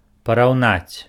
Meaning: to compare
- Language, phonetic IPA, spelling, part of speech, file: Belarusian, [parau̯ˈnat͡sʲ], параўнаць, verb, Be-параўнаць.ogg